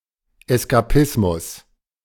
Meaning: escapism
- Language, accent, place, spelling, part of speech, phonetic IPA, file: German, Germany, Berlin, Eskapismus, noun, [ˌɛskaˈpɪsmʊs], De-Eskapismus.ogg